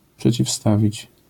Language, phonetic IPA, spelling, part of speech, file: Polish, [ˌpʃɛt͡ɕifˈstavʲit͡ɕ], przeciwstawić, verb, LL-Q809 (pol)-przeciwstawić.wav